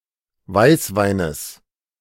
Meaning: genitive singular of Weißwein
- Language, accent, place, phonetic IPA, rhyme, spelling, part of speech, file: German, Germany, Berlin, [ˈvaɪ̯sˌvaɪ̯nəs], -aɪ̯svaɪ̯nəs, Weißweines, noun, De-Weißweines.ogg